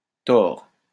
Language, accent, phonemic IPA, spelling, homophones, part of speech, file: French, France, /tɔʁ/, tors, Thor / tord / tords / tore / tores / tort / torts, adjective, LL-Q150 (fra)-tors.wav
- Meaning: twisted, crooked, bent